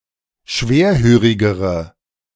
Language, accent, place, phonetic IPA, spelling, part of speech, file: German, Germany, Berlin, [ˈʃveːɐ̯ˌhøːʁɪɡəʁə], schwerhörigere, adjective, De-schwerhörigere.ogg
- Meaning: inflection of schwerhörig: 1. strong/mixed nominative/accusative feminine singular comparative degree 2. strong nominative/accusative plural comparative degree